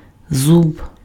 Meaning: 1. tooth 2. tooth, projection, cog (on a rake, comb, gear, etc.)
- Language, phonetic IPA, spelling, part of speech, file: Ukrainian, [zub], зуб, noun, Uk-зуб.ogg